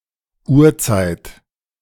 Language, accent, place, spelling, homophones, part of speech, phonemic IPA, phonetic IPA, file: German, Germany, Berlin, Urzeit, Uhrzeit, noun, /ˈuːrˌtsaɪ̯t/, [ˈʔu(ː)ɐ̯ˌt͡saɪ̯t], De-Urzeit.ogg
- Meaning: 1. a very long-ago age, a very early era (e.g. in the history of humanity or the earth) 2. a very long time, an eternity